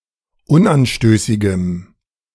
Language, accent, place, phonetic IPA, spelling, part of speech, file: German, Germany, Berlin, [ˈʊnʔanˌʃtøːsɪɡəm], unanstößigem, adjective, De-unanstößigem.ogg
- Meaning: strong dative masculine/neuter singular of unanstößig